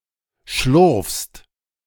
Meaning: second-person singular present of schlurfen
- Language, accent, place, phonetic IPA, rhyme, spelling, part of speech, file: German, Germany, Berlin, [ʃlʊʁfst], -ʊʁfst, schlurfst, verb, De-schlurfst.ogg